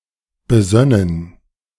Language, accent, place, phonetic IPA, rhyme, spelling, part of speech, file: German, Germany, Berlin, [bəˈzœnən], -œnən, besönnen, verb, De-besönnen.ogg
- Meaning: first-person plural subjunctive II of besinnen